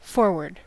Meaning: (adjective) 1. Situated toward or at the front of something 2. Situated toward or at the front of something.: Situated toward or near the enemy lines
- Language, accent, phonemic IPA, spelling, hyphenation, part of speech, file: English, General American, /ˈfɔɹwəɹd/, forward, for‧ward, adjective / adverb / verb / noun, En-us-forward.ogg